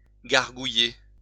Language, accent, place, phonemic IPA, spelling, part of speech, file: French, France, Lyon, /ɡaʁ.ɡu.je/, gargouiller, verb, LL-Q150 (fra)-gargouiller.wav
- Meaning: 1. to gargle 2. to rumble